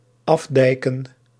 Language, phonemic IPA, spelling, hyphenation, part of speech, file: Dutch, /ˈɑfˌdɛi̯.kə(n)/, afdijken, af‧dij‧ken, verb, Nl-afdijken.ogg
- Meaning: to dyke off (to enclose or divert a stream by building a dyke)